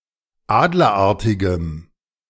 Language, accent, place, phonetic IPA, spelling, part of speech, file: German, Germany, Berlin, [ˈaːdlɐˌʔaʁtɪɡəm], adlerartigem, adjective, De-adlerartigem.ogg
- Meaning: strong dative masculine/neuter singular of adlerartig